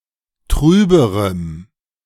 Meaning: strong dative masculine/neuter singular comparative degree of trüb
- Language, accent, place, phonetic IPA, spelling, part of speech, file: German, Germany, Berlin, [ˈtʁyːbəʁəm], trüberem, adjective, De-trüberem.ogg